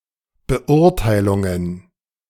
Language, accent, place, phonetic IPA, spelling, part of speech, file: German, Germany, Berlin, [bəˈʔʊʁtaɪ̯lʊŋən], Beurteilungen, noun, De-Beurteilungen.ogg
- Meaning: plural of Beurteilung